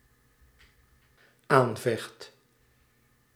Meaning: first/second/third-person singular dependent-clause present indicative of aanvechten
- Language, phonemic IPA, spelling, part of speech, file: Dutch, /ˈaɱvɛxt/, aanvecht, verb, Nl-aanvecht.ogg